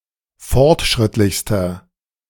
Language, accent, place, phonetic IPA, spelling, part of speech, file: German, Germany, Berlin, [ˈfɔʁtˌʃʁɪtlɪçstɐ], fortschrittlichster, adjective, De-fortschrittlichster.ogg
- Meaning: inflection of fortschrittlich: 1. strong/mixed nominative masculine singular superlative degree 2. strong genitive/dative feminine singular superlative degree